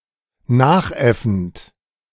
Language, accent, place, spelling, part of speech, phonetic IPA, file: German, Germany, Berlin, nachäffend, verb, [ˈnaːxˌʔɛfn̩t], De-nachäffend.ogg
- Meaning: present participle of nachäffen